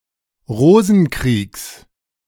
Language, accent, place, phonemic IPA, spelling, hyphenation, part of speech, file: German, Germany, Berlin, /ˈʁoːzn̩ˌkʁiːks/, Rosenkriegs, Ro‧sen‧kriegs, noun, De-Rosenkriegs.ogg
- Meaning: genitive singular of Rosenkrieg